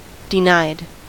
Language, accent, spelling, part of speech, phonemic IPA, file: English, US, denied, verb, /dɪˈnaɪd/, En-us-denied.ogg
- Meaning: simple past and past participle of deny